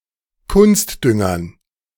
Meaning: dative plural of Kunstdünger
- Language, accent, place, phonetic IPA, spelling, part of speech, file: German, Germany, Berlin, [ˈkʊnstˌdʏŋɐn], Kunstdüngern, noun, De-Kunstdüngern.ogg